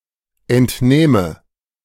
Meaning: first/third-person singular subjunctive II of entnehmen
- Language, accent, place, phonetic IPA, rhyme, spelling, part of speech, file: German, Germany, Berlin, [ɛntˈnɛːmə], -ɛːmə, entnähme, verb, De-entnähme.ogg